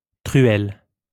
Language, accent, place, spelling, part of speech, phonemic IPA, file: French, France, Lyon, truelle, noun, /tʁy.ɛl/, LL-Q150 (fra)-truelle.wav
- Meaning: trowel (mason's tool)